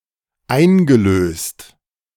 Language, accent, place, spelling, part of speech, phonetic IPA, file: German, Germany, Berlin, eingelöst, verb, [ˈaɪ̯nɡəˌløːst], De-eingelöst.ogg
- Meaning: past participle of einlösen